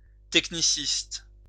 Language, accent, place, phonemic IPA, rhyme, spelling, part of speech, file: French, France, Lyon, /tɛk.ni.sist/, -ist, techniciste, adjective, LL-Q150 (fra)-techniciste.wav
- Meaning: technical